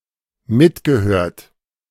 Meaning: past participle of mithören
- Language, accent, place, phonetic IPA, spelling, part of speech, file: German, Germany, Berlin, [ˈmɪtɡəˌhøːɐ̯t], mitgehört, verb, De-mitgehört.ogg